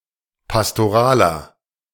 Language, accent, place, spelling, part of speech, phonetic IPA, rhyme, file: German, Germany, Berlin, pastoraler, adjective, [pastoˈʁaːlɐ], -aːlɐ, De-pastoraler.ogg
- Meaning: inflection of pastoral: 1. strong/mixed nominative masculine singular 2. strong genitive/dative feminine singular 3. strong genitive plural